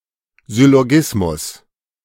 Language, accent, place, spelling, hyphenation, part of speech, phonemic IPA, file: German, Germany, Berlin, Syllogismus, Syl‧lo‧gis‧mus, noun, /zʏloˈɡɪsmʊs/, De-Syllogismus.ogg
- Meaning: syllogism (inference from premises)